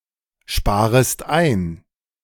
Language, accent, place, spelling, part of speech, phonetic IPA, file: German, Germany, Berlin, sparest ein, verb, [ˌʃpaːʁəst ˈaɪ̯n], De-sparest ein.ogg
- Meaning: second-person singular subjunctive I of einsparen